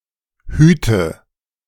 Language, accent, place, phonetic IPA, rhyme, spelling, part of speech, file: German, Germany, Berlin, [ˈhyːtə], -yːtə, hüte, verb, De-hüte.ogg
- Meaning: inflection of hüten: 1. first-person singular present 2. first/third-person singular subjunctive I 3. singular imperative